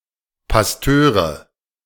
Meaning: nominative/accusative/genitive plural of Pastor
- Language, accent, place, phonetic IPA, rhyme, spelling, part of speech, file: German, Germany, Berlin, [pasˈtøːʁə], -øːʁə, Pastöre, noun, De-Pastöre.ogg